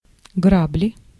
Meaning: rake (garden tool)
- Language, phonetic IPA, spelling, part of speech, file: Russian, [ˈɡrablʲɪ], грабли, noun, Ru-грабли.ogg